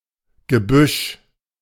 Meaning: brush (vegetation, generally larger than grass but smaller than trees)
- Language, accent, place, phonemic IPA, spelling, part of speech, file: German, Germany, Berlin, /ɡəˈbʏʃ/, Gebüsch, noun, De-Gebüsch.ogg